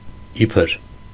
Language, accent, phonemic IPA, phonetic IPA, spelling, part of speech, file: Armenian, Eastern Armenian, /ˈipʰəɾ/, [ípʰəɾ], իբր, adverb, Hy-իբր.ogg
- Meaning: 1. as, like 2. as if 3. supposedly, presumably 4. approximately, close 5. when, while 6. though, even though